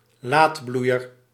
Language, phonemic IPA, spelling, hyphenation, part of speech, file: Dutch, /ˈlaːtˌblui̯ər/, laatbloeier, laat‧bloei‧er, noun, Nl-laatbloeier.ogg
- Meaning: 1. late bloomer, someone who excels or finds one calling at a late point in life 2. late bloomer, flower that blooms late in the season